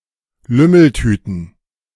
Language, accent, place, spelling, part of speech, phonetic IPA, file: German, Germany, Berlin, Lümmeltüten, noun, [ˈlʏml̩ˌtyːtn̩], De-Lümmeltüten.ogg
- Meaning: plural of Lümmeltüte